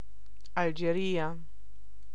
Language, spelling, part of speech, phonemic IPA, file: Italian, Algeria, proper noun, /aldʒeˈria/, It-Algeria.ogg